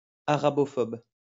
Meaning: arabophobic
- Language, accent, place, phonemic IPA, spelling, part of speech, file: French, France, Lyon, /a.ʁa.bɔ.fɔb/, arabophobe, adjective, LL-Q150 (fra)-arabophobe.wav